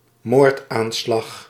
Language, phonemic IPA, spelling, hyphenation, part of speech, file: Dutch, /ˈmoːrt.aːnˌslɑx/, moordaanslag, moord‧aan‧slag, noun, Nl-moordaanslag.ogg
- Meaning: an assassination attempt